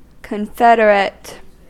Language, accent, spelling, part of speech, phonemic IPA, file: English, US, confederate, adjective / noun, /kənˈfɛdəɹət/, En-us-confederate.ogg
- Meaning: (adjective) 1. Of, relating to, or united in a confederacy 2. Banded together; allied 3. Confederated; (noun) 1. A member of a confederacy 2. An accomplice in a plot